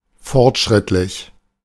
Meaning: progressive, advanced
- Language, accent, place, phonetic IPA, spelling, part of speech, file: German, Germany, Berlin, [ˈfɔʁtˌʃʁɪtlɪç], fortschrittlich, adjective, De-fortschrittlich.ogg